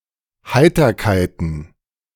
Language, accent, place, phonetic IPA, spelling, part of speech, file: German, Germany, Berlin, [ˈhaɪ̯tɐkaɪ̯tn̩], Heiterkeiten, noun, De-Heiterkeiten.ogg
- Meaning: plural of Heiterkeit